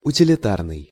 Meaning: 1. utilitarian 2. useful, utilitarian
- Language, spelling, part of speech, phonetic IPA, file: Russian, утилитарный, adjective, [ʊtʲɪlʲɪˈtarnɨj], Ru-утилитарный.ogg